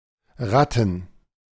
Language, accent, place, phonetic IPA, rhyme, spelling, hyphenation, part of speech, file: German, Germany, Berlin, [ˈʁatn̩], -atn̩, Ratten, Rat‧ten, noun, De-Ratten.ogg
- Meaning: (proper noun) a municipality of Styria, Austria; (noun) plural of Ratte